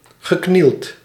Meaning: past participle of knielen
- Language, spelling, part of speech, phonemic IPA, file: Dutch, geknield, verb / adjective, /ɣəˈknilt/, Nl-geknield.ogg